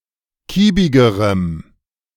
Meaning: strong dative masculine/neuter singular comparative degree of kiebig
- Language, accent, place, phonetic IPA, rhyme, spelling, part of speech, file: German, Germany, Berlin, [ˈkiːbɪɡəʁəm], -iːbɪɡəʁəm, kiebigerem, adjective, De-kiebigerem.ogg